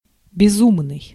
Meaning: 1. crazy, mad, insane 2. rash, reckless
- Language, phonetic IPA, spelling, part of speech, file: Russian, [bʲɪˈzumnɨj], безумный, adjective, Ru-безумный.ogg